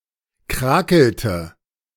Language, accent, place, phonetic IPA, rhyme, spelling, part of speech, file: German, Germany, Berlin, [ˈkʁaːkl̩tə], -aːkl̩tə, krakelte, verb, De-krakelte.ogg
- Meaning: inflection of krakeln: 1. first/third-person singular preterite 2. first/third-person singular subjunctive II